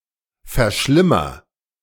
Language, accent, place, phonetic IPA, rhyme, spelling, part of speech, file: German, Germany, Berlin, [fɛɐ̯ˈʃlɪmɐ], -ɪmɐ, verschlimmer, verb, De-verschlimmer.ogg
- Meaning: inflection of verschlimmern: 1. first-person singular present 2. singular imperative